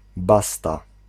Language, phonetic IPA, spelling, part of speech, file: Polish, [ˈbasta], basta, interjection, Pl-basta.ogg